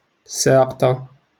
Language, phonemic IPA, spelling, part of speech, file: Moroccan Arabic, /saːq.tˤa/, ساقطة, noun, LL-Q56426 (ary)-ساقطة.wav
- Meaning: bolt lock